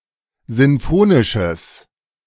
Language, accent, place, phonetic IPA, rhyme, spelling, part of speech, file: German, Germany, Berlin, [ˌzɪnˈfoːnɪʃəs], -oːnɪʃəs, sinfonisches, adjective, De-sinfonisches.ogg
- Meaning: strong/mixed nominative/accusative neuter singular of sinfonisch